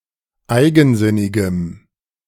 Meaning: strong dative masculine/neuter singular of eigensinnig
- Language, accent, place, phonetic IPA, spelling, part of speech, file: German, Germany, Berlin, [ˈaɪ̯ɡn̩ˌzɪnɪɡəm], eigensinnigem, adjective, De-eigensinnigem.ogg